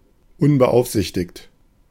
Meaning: 1. unattended 2. uncontrolled
- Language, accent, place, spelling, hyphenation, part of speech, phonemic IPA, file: German, Germany, Berlin, unbeaufsichtigt, un‧be‧auf‧sich‧tigt, adjective, /ˈʊnbəˌʔaʊ̯fzɪçtɪçt/, De-unbeaufsichtigt.ogg